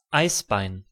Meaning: pork knuckle
- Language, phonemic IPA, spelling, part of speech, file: German, /ˈaɪ̯sˌbaɪ̯n/, Eisbein, noun, De-Eisbein.ogg